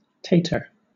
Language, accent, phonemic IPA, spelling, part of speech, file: English, Southern England, /ˈteɪtə/, tater, noun, LL-Q1860 (eng)-tater.wav
- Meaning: 1. A potato 2. A home run